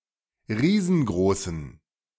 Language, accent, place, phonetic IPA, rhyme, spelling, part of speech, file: German, Germany, Berlin, [ˈʁiːzn̩ˈɡʁoːsn̩], -oːsn̩, riesengroßen, adjective, De-riesengroßen.ogg
- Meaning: inflection of riesengroß: 1. strong genitive masculine/neuter singular 2. weak/mixed genitive/dative all-gender singular 3. strong/weak/mixed accusative masculine singular 4. strong dative plural